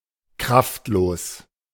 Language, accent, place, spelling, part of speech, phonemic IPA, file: German, Germany, Berlin, kraftlos, adjective, /ˈkʁaftˌloːs/, De-kraftlos.ogg
- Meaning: powerless